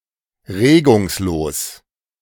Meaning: motionless
- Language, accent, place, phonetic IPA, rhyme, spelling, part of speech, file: German, Germany, Berlin, [ˈʁeːɡʊŋsˌloːs], -eːɡʊŋsloːs, regungslos, adjective, De-regungslos.ogg